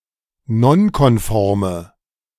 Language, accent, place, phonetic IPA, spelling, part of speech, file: German, Germany, Berlin, [ˈnɔnkɔnˌfɔʁmə], nonkonforme, adjective, De-nonkonforme.ogg
- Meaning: inflection of nonkonform: 1. strong/mixed nominative/accusative feminine singular 2. strong nominative/accusative plural 3. weak nominative all-gender singular